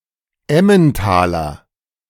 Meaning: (noun) 1. a native or inhabitant of Emmental/Switzerland 2. Emmentaler; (adjective) of Emmental
- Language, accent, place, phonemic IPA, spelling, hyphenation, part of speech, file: German, Germany, Berlin, /ˈɛmənˌtaːlɐ/, Emmentaler, Em‧men‧ta‧ler, noun / adjective, De-Emmentaler.ogg